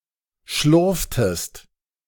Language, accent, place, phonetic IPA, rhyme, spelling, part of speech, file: German, Germany, Berlin, [ˈʃlʊʁftəst], -ʊʁftəst, schlurftest, verb, De-schlurftest.ogg
- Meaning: inflection of schlurfen: 1. second-person singular preterite 2. second-person singular subjunctive II